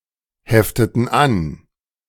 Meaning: inflection of anheften: 1. first/third-person plural preterite 2. first/third-person plural subjunctive II
- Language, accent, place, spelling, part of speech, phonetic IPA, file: German, Germany, Berlin, hefteten an, verb, [ˌhɛftətn̩ ˈan], De-hefteten an.ogg